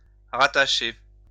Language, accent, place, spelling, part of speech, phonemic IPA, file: French, France, Lyon, rattacher, verb, /ʁa.ta.ʃe/, LL-Q150 (fra)-rattacher.wav
- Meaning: 1. to attach, fix, fix on, put on, link 2. to post (an employee) 3. to reattach, put back on 4. to connect back (to) 5. to join together, put together 6. to have an attachment to